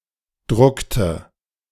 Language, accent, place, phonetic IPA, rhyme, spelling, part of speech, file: German, Germany, Berlin, [ˈdʁʊktə], -ʊktə, druckte, verb, De-druckte.ogg
- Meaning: inflection of drucken: 1. first/third-person singular preterite 2. first/third-person singular subjunctive II